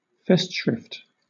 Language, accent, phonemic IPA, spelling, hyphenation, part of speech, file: English, Southern England, /ˈfɛstˌʃɹɪft/, festschrift, fest‧schrift, noun, LL-Q1860 (eng)-festschrift.wav
- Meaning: A collection of articles, essays, etc., published together as a memorial or tribute to an academic or some other respected person (often on their birthday)